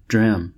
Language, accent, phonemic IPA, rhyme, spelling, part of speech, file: English, US, /dɹæm/, -æm, dram, noun / verb, En-us-dram.ogg
- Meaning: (noun) A small unit of weight, variously: Alternative form of drachm (“One sixteenth of an ounce avoirdupois (1.77 g; symbol: ʒ)”)